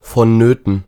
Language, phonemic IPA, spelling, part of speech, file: German, /fɔn‿ˈnøːtn̩/, vonnöten, adjective, De-vonnöten.ogg
- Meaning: necessary, mandatory, essential, indispensable